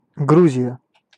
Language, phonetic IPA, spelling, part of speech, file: Russian, [ˈɡruzʲɪjə], Грузия, proper noun, Ru-Грузия.ogg
- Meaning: Georgia (a transcontinental country in the Caucasus region of Europe and Asia, on the coast of the Black Sea)